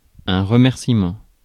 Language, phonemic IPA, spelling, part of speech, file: French, /ʁə.mɛʁ.si.mɑ̃/, remerciement, noun, Fr-remerciement.ogg
- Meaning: 1. thanks (grateful feelings) 2. acknowledgement